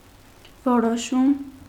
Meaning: decision
- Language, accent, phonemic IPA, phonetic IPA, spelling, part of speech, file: Armenian, Eastern Armenian, /voɾoˈʃum/, [voɾoʃúm], որոշում, noun, Hy-որոշում.ogg